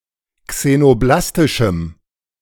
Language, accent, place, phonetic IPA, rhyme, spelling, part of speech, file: German, Germany, Berlin, [ksenoˈblastɪʃm̩], -astɪʃm̩, xenoblastischem, adjective, De-xenoblastischem.ogg
- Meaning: strong dative masculine/neuter singular of xenoblastisch